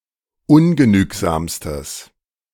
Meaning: strong/mixed nominative/accusative neuter singular superlative degree of ungenügsam
- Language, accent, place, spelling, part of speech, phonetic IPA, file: German, Germany, Berlin, ungenügsamstes, adjective, [ˈʊnɡəˌnyːkzaːmstəs], De-ungenügsamstes.ogg